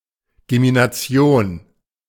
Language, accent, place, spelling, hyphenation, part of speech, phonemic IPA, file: German, Germany, Berlin, Gemination, Ge‧mi‧na‧ti‧on, noun, /ɡeminaˈt͡si̯oːn/, De-Gemination.ogg
- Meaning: gemination